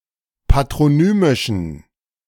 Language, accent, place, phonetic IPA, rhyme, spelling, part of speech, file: German, Germany, Berlin, [patʁoˈnyːmɪʃn̩], -yːmɪʃn̩, patronymischen, adjective, De-patronymischen.ogg
- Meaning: inflection of patronymisch: 1. strong genitive masculine/neuter singular 2. weak/mixed genitive/dative all-gender singular 3. strong/weak/mixed accusative masculine singular 4. strong dative plural